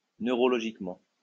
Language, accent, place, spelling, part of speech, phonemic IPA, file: French, France, Lyon, neurologiquement, adverb, /nø.ʁɔ.lɔ.ʒik.mɑ̃/, LL-Q150 (fra)-neurologiquement.wav
- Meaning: neurologically